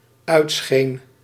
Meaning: singular dependent-clause past indicative of uitschijnen
- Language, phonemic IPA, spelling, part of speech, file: Dutch, /ˈœytsxen/, uitscheen, verb, Nl-uitscheen.ogg